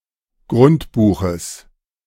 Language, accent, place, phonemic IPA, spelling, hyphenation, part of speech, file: German, Germany, Berlin, /ɡʁʊntˈbuːxəs/, Grundbuches, Grund‧bu‧ches, noun, De-Grundbuches.ogg
- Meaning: genitive singular of Grundbuch